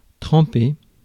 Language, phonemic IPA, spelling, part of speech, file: French, /tʁɑ̃.pe/, tremper, verb, Fr-tremper.ogg
- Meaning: 1. to soak, to drench, to wet 2. to dip, to dunk, to immerse 3. to temper (metal), to harden